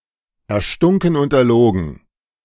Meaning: completely made up
- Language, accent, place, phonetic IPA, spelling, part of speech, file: German, Germany, Berlin, [ɛɐ̯ˈʃtʊŋkn̩ ʊnt ɛɐ̯ˈloːɡn̩], erstunken und erlogen, adjective, De-erstunken und erlogen.ogg